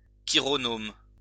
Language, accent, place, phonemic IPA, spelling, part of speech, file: French, France, Lyon, /ki.ʁɔ.nom/, chironome, noun, LL-Q150 (fra)-chironome.wav
- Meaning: chironomid